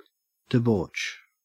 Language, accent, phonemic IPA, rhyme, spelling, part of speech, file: English, Australia, /dɪˈbɔːt͡ʃ/, -ɔːtʃ, debauch, noun / verb, En-au-debauch.ogg
- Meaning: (noun) 1. An individual act of debauchery 2. An orgy; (verb) 1. To morally corrupt (someone); to seduce 2. To debase (something); to lower the value of (something) 3. To indulge in revelry